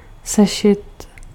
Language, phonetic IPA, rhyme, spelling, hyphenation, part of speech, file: Czech, [ˈsɛʃɪt], -ɛʃɪt, sešit, se‧šit, noun / verb, Cs-sešit.ogg
- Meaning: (noun) exercise book (a booklet for students, containing blank, lined or checkered pages for writing answers, drawing graphs etc.); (verb) masculine singular passive participle of sešít